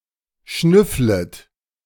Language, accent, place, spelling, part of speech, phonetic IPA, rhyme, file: German, Germany, Berlin, schnüfflet, verb, [ˈʃnʏflət], -ʏflət, De-schnüfflet.ogg
- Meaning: second-person plural subjunctive I of schnüffeln